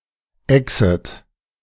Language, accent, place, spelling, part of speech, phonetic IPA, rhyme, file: German, Germany, Berlin, exet, verb, [ɛksət], -ɛksət, De-exet.ogg
- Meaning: second-person plural subjunctive I of exen